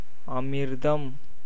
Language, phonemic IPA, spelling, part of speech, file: Tamil, /ɐmɪɾd̪ɐm/, அமிர்தம், noun, Ta-அமிர்தம்.ogg
- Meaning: 1. amrita, ambrosia, nectar 2. water 3. milk